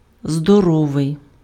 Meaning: 1. healthy 2. in expressions
- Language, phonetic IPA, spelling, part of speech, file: Ukrainian, [zdɔˈrɔʋei̯], здоровий, adjective, Uk-здоровий.ogg